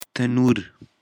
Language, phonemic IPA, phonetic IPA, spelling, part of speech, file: Pashto, /təˈnur/, [t̪ə.núɾ], تنور, noun, Tanur-Pashto.ogg
- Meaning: oven